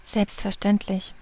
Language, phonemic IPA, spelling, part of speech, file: German, /ˌzɛlpst.fɛɐ̯.ˈʃtɛn.tlɪç/, selbstverständlich, adjective / adverb, De-selbstverständlich.ogg
- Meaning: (adjective) 1. natural, self-evident 2. granted; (adverb) naturally